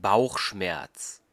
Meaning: 1. abdominal pain, bellyache, stomachache, tummyache 2. unpleasant feeling, misgivings, doubts (about a course of action)
- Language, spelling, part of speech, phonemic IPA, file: German, Bauchschmerz, noun, /ˈbaʊ̯χˌʃmɛʁt͡s/, De-Bauchschmerz.ogg